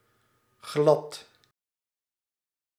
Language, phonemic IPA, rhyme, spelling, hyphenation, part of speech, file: Dutch, /ɣlɑt/, -ɑt, glad, glad, adjective / adverb, Nl-glad.ogg
- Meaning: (adjective) 1. smooth, polished 2. slippery; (adverb) completely, entirely (mostly along with verbs and adjective with a negative meaning)